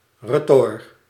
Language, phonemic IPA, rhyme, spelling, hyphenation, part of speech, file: Dutch, /rəˈtɔrt/, -ɔrt, retort, re‧tort, noun, Nl-retort.ogg
- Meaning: retort (flask used for distillation)